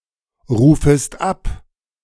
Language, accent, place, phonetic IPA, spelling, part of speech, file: German, Germany, Berlin, [ˌʁuːfəst ˈap], rufest ab, verb, De-rufest ab.ogg
- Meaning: second-person singular subjunctive I of abrufen